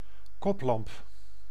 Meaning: headlamp
- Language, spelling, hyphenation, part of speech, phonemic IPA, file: Dutch, koplamp, kop‧lamp, noun, /ˈkɔplɑmp/, Nl-koplamp.ogg